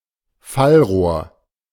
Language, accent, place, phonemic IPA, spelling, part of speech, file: German, Germany, Berlin, /ˈfalˌʁoːɐ̯/, Fallrohr, noun, De-Fallrohr.ogg
- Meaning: downspout, downpipe